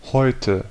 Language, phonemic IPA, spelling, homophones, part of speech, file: German, /hɔʏtə/, Häute, heute, noun, De-Häute.ogg
- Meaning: 1. nominative plural of Haut 2. accusative plural of Haut 3. genitive plural of Haut